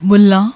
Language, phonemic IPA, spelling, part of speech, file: Punjabi, /mʊlː.ãː/, ਮੁੱਲਾਂ, noun, Pa-ਮੁੱਲਾਂ.ogg
- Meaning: mullah